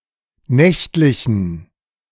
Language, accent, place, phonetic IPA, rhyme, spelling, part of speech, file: German, Germany, Berlin, [ˈnɛçtlɪçn̩], -ɛçtlɪçn̩, nächtlichen, adjective, De-nächtlichen.ogg
- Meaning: inflection of nächtlich: 1. strong genitive masculine/neuter singular 2. weak/mixed genitive/dative all-gender singular 3. strong/weak/mixed accusative masculine singular 4. strong dative plural